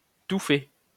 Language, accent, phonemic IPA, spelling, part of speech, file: French, France, /tu fɛ/, tout fait, adjective, LL-Q150 (fra)-tout fait.wav
- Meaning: 1. ready-made, pre-prepared 2. cut and dried; preconceived, fixed 3. trite, clichéd, hackneyed; canned, stock